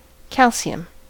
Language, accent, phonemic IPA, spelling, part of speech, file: English, US, /ˈkælsi.əm/, calcium, noun, En-us-calcium.ogg
- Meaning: The chemical element (symbol Ca) with atomic number 20: a soft, silvery-white alkaline earth metal which occurs naturally as carbonate in limestone and as silicate in many rocks